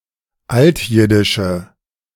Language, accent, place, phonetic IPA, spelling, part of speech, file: German, Germany, Berlin, [ˈaltˌjɪdɪʃə], altjiddische, adjective, De-altjiddische.ogg
- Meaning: inflection of altjiddisch: 1. strong/mixed nominative/accusative feminine singular 2. strong nominative/accusative plural 3. weak nominative all-gender singular